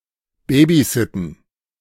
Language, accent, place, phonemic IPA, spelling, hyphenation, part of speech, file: German, Germany, Berlin, /ˈbeːbiˌzɪtn̩/, babysitten, ba‧by‧sit‧ten, verb, De-babysitten.ogg
- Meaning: babysit (to watch or tend someone else's child for a period of time, often for money)